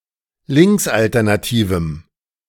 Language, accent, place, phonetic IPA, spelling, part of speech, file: German, Germany, Berlin, [ˈlɪŋksʔaltɛʁnaˌtiːvm̩], linksalternativem, adjective, De-linksalternativem.ogg
- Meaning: strong dative masculine/neuter singular of linksalternativ